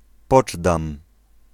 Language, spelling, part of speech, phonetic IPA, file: Polish, Poczdam, proper noun, [ˈpɔd͡ʒdãm], Pl-Poczdam.ogg